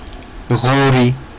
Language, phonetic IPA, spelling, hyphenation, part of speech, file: Georgian, [ʁo̞ɾi], ღორი, ღო‧რი, noun, Ka-ghori.ogg
- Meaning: pig